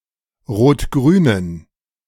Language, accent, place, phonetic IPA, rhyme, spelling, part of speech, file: German, Germany, Berlin, [ʁoːtˈɡʁyːnən], -yːnən, rot-grünen, adjective, De-rot-grünen.ogg
- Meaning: inflection of rot-grün: 1. strong genitive masculine/neuter singular 2. weak/mixed genitive/dative all-gender singular 3. strong/weak/mixed accusative masculine singular 4. strong dative plural